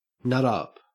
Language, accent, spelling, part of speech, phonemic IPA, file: English, Australia, nut up, verb, /nʌt ʌp/, En-au-nut up.ogg
- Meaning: 1. To show courage and hide one's apprehension 2. To lose one's temper, go nuts